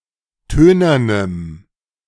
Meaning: strong dative masculine/neuter singular of tönern
- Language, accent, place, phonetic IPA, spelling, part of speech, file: German, Germany, Berlin, [ˈtøːnɐnəm], tönernem, adjective, De-tönernem.ogg